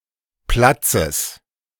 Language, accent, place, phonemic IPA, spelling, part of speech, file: German, Germany, Berlin, /ˈplatsəs/, Platzes, noun, De-Platzes.ogg
- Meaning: genitive singular of Platz